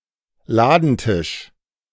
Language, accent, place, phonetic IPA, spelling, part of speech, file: German, Germany, Berlin, [ˈlaːdn̩ˌtɪʃ], Ladentisch, noun, De-Ladentisch.ogg
- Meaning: counter, shop counter